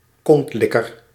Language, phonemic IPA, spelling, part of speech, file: Dutch, /ˈkɔntlɪkər/, kontlikker, noun, Nl-kontlikker.ogg
- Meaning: sycophant, arse-kisser, shameless or even slavish flatterer